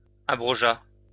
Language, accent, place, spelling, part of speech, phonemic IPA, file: French, France, Lyon, abrogea, verb, /a.bʁɔ.ʒa/, LL-Q150 (fra)-abrogea.wav
- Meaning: third-person singular past historic of abroger